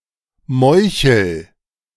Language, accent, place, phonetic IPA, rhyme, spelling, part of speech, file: German, Germany, Berlin, [ˈmɔɪ̯çl̩], -ɔɪ̯çl̩, meuchel, verb, De-meuchel.ogg
- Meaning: inflection of meucheln: 1. first-person singular present 2. singular imperative